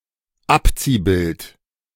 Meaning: decal
- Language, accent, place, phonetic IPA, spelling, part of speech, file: German, Germany, Berlin, [ˈapt͡siːˌbɪlt], Abziehbild, noun, De-Abziehbild.ogg